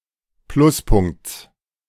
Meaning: genitive singular of Pluspunkt
- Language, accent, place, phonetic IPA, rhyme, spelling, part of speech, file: German, Germany, Berlin, [ˈplʊsˌpʊŋkt͡s], -ʊspʊŋkt͡s, Pluspunkts, noun, De-Pluspunkts.ogg